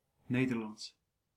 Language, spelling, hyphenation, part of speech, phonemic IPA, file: Dutch, Nederlands, Ne‧der‧lands, adjective / proper noun, /ˈneː.dərˌlɑnts/, Nl-Nederlands.ogg
- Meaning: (adjective) 1. of the Netherlands; Dutch, Netherlandish 2. of the Dutch language; Dutch